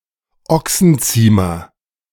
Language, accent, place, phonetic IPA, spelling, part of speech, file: German, Germany, Berlin, [ˈɔksn̩ˌt͡siːmɐ], Ochsenziemer, noun, De-Ochsenziemer.ogg
- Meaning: a pizzle (2), a bully stick